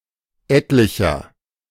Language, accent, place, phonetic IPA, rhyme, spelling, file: German, Germany, Berlin, [ˈɛtlɪçɐ], -ɛtlɪçɐ, etlicher, De-etlicher.ogg
- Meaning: inflection of etlich: 1. strong/mixed nominative masculine singular 2. strong genitive/dative feminine singular 3. strong genitive plural